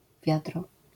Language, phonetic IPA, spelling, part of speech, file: Polish, [ˈvʲjadrɔ], wiadro, noun, LL-Q809 (pol)-wiadro.wav